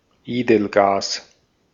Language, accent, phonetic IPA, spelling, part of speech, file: German, Austria, [ˈeːdl̩ˌɡaːs], Edelgas, noun, De-at-Edelgas.ogg
- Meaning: noble gas